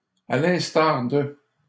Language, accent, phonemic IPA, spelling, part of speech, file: French, Canada, /a l‿ɛ̃s.taʁ də/, à l'instar de, preposition, LL-Q150 (fra)-à l'instar de.wav
- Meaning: like; just like (in the same way as)